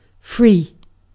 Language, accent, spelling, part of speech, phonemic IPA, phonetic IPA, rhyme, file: English, Received Pronunciation, free, adjective / adverb / verb / noun / numeral, /fɹiː/, [fɹɪi̯], -iː, En-uk-free.ogg
- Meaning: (adjective) 1. Unconstrained 2. Unconstrained.: Not imprisoned or enslaved 3. Unconstrained.: Generous; liberal 4. Unconstrained.: Clear of offence or crime; guiltless; innocent